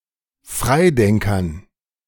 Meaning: dative plural of Freidenker
- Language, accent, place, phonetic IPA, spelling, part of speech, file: German, Germany, Berlin, [ˈfʁaɪ̯ˌdɛŋkɐn], Freidenkern, noun, De-Freidenkern.ogg